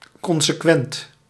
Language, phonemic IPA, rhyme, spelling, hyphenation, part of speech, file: Dutch, /ˌkɔn.səˈkʋɛnt/, -ɛnt, consequent, con‧se‧quent, adjective, Nl-consequent.ogg
- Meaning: 1. consequent, resulting 2. logically consistent